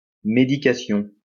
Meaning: 1. medicine 2. medication 3. medicine (for the soul, etc.)
- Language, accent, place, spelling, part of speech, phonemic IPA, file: French, France, Lyon, médication, noun, /me.di.ka.sjɔ̃/, LL-Q150 (fra)-médication.wav